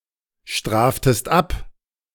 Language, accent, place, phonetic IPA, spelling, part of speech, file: German, Germany, Berlin, [ˌʃtʁaːftəst ˈap], straftest ab, verb, De-straftest ab.ogg
- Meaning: second-person singular subjunctive I of abstrafen